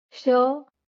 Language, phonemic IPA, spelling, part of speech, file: Marathi, /ɕə/, श, character, LL-Q1571 (mar)-श.wav
- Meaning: The twenty-ninth consonant in Marathi